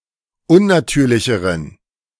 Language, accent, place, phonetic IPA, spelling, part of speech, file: German, Germany, Berlin, [ˈʊnnaˌtyːɐ̯lɪçəʁən], unnatürlicheren, adjective, De-unnatürlicheren.ogg
- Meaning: inflection of unnatürlich: 1. strong genitive masculine/neuter singular comparative degree 2. weak/mixed genitive/dative all-gender singular comparative degree